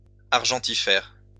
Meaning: argentiferous
- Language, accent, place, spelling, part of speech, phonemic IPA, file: French, France, Lyon, argentifère, adjective, /aʁ.ʒɑ̃.ti.fɛʁ/, LL-Q150 (fra)-argentifère.wav